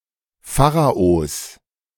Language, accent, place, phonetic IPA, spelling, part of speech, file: German, Germany, Berlin, [ˈfaːʁaos], Pharaos, noun, De-Pharaos.ogg
- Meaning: genitive singular of Pharao